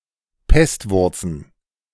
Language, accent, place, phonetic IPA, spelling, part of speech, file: German, Germany, Berlin, [ˈpɛstˌvʊʁt͡sn̩], Pestwurzen, noun, De-Pestwurzen.ogg
- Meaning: plural of Pestwurz